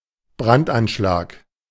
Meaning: arson attack
- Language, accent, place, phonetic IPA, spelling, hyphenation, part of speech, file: German, Germany, Berlin, [ˈbʀantʔanˌʃlaːk], Brandanschlag, Brand‧an‧schlag, noun, De-Brandanschlag.ogg